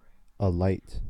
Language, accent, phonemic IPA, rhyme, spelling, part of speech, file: English, General American, /əˈlaɪt/, -aɪt, alight, verb / adjective / adverb, En-us-alight.ogg
- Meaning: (verb) To make less heavy; to lighten; to alleviate, to relieve